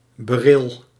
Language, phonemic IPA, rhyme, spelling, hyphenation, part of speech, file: Dutch, /bəˈrɪl/, -ɪl, beril, be‧ril, noun, Nl-beril.ogg
- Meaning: 1. beryl (gemstone) 2. beryl (substance)